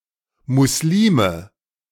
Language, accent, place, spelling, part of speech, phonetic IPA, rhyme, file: German, Germany, Berlin, Muslime, noun, [ˌmʊsˈliːmə], -iːmə, De-Muslime.ogg
- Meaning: 1. nominative/accusative/genitive plural of Muslim 2. Muslimah